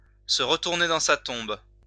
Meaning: to turn in one's grave
- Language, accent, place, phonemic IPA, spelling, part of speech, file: French, France, Lyon, /sə ʁ(ə).tuʁ.ne dɑ̃ sa tɔ̃b/, se retourner dans sa tombe, verb, LL-Q150 (fra)-se retourner dans sa tombe.wav